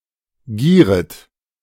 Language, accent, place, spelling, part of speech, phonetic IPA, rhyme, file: German, Germany, Berlin, gieret, verb, [ˈɡiːʁət], -iːʁət, De-gieret.ogg
- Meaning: second-person plural subjunctive I of gieren